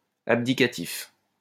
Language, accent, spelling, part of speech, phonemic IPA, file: French, France, abdicatif, adjective, /ab.di.ka.tif/, LL-Q150 (fra)-abdicatif.wav
- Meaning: abdicative